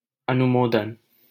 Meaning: 1. approval 2. sanction
- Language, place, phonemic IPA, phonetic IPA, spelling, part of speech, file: Hindi, Delhi, /ə.nʊ.moː.d̪ən/, [ɐ.nʊ.moː.d̪ɐ̃n], अनुमोदन, noun, LL-Q1568 (hin)-अनुमोदन.wav